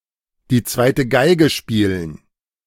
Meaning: to take a back seat, to play second fiddle
- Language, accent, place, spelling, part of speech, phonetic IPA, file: German, Germany, Berlin, die zweite Geige spielen, phrase, [diː ˈt͡svaɪ̯tə ˈɡaɪ̯ɡə ˈʃpiːlən], De-die zweite Geige spielen.ogg